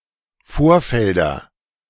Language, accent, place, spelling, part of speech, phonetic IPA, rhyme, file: German, Germany, Berlin, Vorfelder, noun, [ˈfoːɐ̯ˌfɛldɐ], -oːɐ̯fɛldɐ, De-Vorfelder.ogg
- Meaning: nominative/accusative/genitive plural of Vorfeld